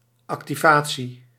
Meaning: activation, act or process of activating
- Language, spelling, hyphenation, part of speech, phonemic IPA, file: Dutch, activatie, ac‧ti‧va‧tie, noun, /ˌɑk.tiˈvaː.(t)si/, Nl-activatie.ogg